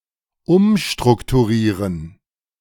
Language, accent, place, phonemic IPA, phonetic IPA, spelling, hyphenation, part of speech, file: German, Germany, Berlin, /ˈʊmʃtʁʊktuˌʁiːʁən/, [ˈʔʊmʃtʁʊktʰuˌʁiːʁn̩], umstrukturieren, um‧struk‧tu‧rie‧ren, verb, De-umstrukturieren.ogg
- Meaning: to restructure